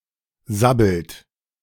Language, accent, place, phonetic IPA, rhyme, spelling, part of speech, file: German, Germany, Berlin, [ˈzabl̩t], -abl̩t, sabbelt, verb, De-sabbelt.ogg
- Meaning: inflection of sabbeln: 1. third-person singular present 2. second-person plural present 3. plural imperative